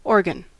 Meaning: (noun) 1. The larger part of an organism, composed of tissues that perform similar functions 2. A body of an organization dedicated to the performing of certain functions 3. A device, apparatus
- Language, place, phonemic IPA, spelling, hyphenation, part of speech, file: English, California, /ˈoɹɡən/, organ, or‧gan, noun / verb, En-us-organ.ogg